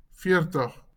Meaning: forty
- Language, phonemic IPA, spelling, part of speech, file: Afrikaans, /ˈfɪə̯r.təχ/, veertig, numeral, LL-Q14196 (afr)-veertig.wav